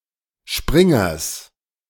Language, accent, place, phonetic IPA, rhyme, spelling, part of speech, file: German, Germany, Berlin, [ˈʃpʁɪŋɐs], -ɪŋɐs, Springers, noun, De-Springers.ogg
- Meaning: genitive singular of Springer